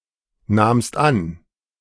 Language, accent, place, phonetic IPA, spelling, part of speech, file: German, Germany, Berlin, [ˌnaːmst ˈan], nahmst an, verb, De-nahmst an.ogg
- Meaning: second-person singular preterite of annehmen